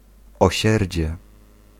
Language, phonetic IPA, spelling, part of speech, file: Polish, [ɔˈɕɛrʲd͡ʑɛ], osierdzie, noun, Pl-osierdzie.ogg